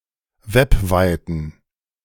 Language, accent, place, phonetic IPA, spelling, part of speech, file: German, Germany, Berlin, [ˈvɛpˌvaɪ̯tn̩], webweiten, adjective, De-webweiten.ogg
- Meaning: inflection of webweit: 1. strong genitive masculine/neuter singular 2. weak/mixed genitive/dative all-gender singular 3. strong/weak/mixed accusative masculine singular 4. strong dative plural